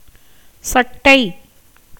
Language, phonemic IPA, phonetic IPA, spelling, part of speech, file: Tamil, /tʃɐʈːɐɪ̯/, [sɐʈːɐɪ̯], சட்டை, noun, Ta-சட்டை.ogg
- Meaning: 1. shirt 2. jacket, coat, gown, cloak 3. snakeskin, slough